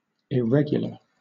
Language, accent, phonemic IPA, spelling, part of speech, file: English, Southern England, /ɪˈɹɛɡ.jʊ.lə/, irregular, adjective / noun, LL-Q1860 (eng)-irregular.wav
- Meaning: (adjective) 1. Nonstandard; not conforming to rules or expectations 2. Of a surface, rough 3. Without symmetry, regularity, or uniformity